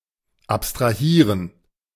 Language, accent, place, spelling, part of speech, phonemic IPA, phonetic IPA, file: German, Germany, Berlin, abstrahieren, verb, /apstʁaˈhiːʁən/, [ʔapstʁaˈhiːɐ̯n], De-abstrahieren.ogg
- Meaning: to abstract (to consider abstractly)